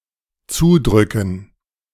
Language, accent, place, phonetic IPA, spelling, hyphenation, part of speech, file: German, Germany, Berlin, [ˈt͡suːˌdʁʏkn̩], zudrücken, zu‧drü‧cken, verb, De-zudrücken.ogg
- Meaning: to push closed